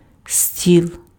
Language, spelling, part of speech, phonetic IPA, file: Ukrainian, стіл, noun, [sʲtʲiɫ], Uk-стіл.ogg
- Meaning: 1. table (item of furniture) 2. princely throne